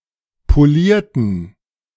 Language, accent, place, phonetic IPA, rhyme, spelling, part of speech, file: German, Germany, Berlin, [poˈliːɐ̯tn̩], -iːɐ̯tn̩, polierten, adjective / verb, De-polierten.ogg
- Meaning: inflection of polieren: 1. first/third-person plural preterite 2. first/third-person plural subjunctive II